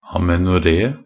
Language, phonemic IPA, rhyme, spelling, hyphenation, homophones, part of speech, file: Norwegian Bokmål, /amɛnʊˈreː/, -eː, amenoré, a‧me‧no‧ré, amenore, noun, Nb-amenoré.ogg
- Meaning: amenorrhoea (absence of menstrual discharge)